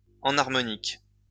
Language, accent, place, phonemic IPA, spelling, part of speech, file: French, France, Lyon, /ɑ̃.naʁ.mɔ.nik/, enharmonique, adjective, LL-Q150 (fra)-enharmonique.wav
- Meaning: enharmonic